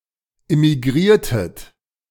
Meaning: inflection of immigrieren: 1. second-person plural preterite 2. second-person plural subjunctive II
- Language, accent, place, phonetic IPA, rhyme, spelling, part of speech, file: German, Germany, Berlin, [ɪmiˈɡʁiːɐ̯tət], -iːɐ̯tət, immigriertet, verb, De-immigriertet.ogg